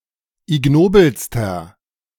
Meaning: inflection of ignobel: 1. strong/mixed nominative masculine singular superlative degree 2. strong genitive/dative feminine singular superlative degree 3. strong genitive plural superlative degree
- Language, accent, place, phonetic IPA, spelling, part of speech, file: German, Germany, Berlin, [ɪˈɡnoːbl̩stɐ], ignobelster, adjective, De-ignobelster.ogg